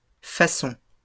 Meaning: plural of façon
- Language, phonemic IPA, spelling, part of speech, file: French, /fa.sɔ̃/, façons, noun, LL-Q150 (fra)-façons.wav